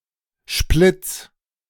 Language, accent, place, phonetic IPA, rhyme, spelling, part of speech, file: German, Germany, Berlin, [ʃplɪt͡s], -ɪt͡s, Splitts, noun, De-Splitts.ogg
- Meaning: genitive of Splitt